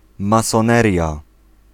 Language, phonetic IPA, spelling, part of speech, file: Polish, [ˌmasɔ̃ˈnɛrʲja], masoneria, noun, Pl-masoneria.ogg